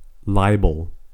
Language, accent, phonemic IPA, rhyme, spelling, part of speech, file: English, US, /ˈlaɪbəl/, -aɪbəl, libel, noun / verb, En-us-libel.ogg
- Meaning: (noun) 1. A written or pictorial false statement which unjustly seeks to damage someone's reputation 2. The act or tort of displaying such a statement publicly